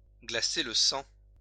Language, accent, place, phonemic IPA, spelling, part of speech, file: French, France, Lyon, /ɡla.se l(ə) sɑ̃/, glacer le sang, verb, LL-Q150 (fra)-glacer le sang.wav
- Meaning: to make someone's blood run cold, to make someone's blood curdle